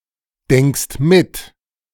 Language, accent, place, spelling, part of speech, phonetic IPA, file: German, Germany, Berlin, denkst mit, verb, [ˌdɛŋkst ˈmɪt], De-denkst mit.ogg
- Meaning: second-person singular present of mitdenken